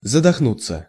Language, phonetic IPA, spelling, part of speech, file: Russian, [zədɐxˈnut͡sːə], задохнуться, verb, Ru-задохнуться.ogg
- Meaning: 1. to choke, to strangle, to suffocate 2. to gasp 3. to pant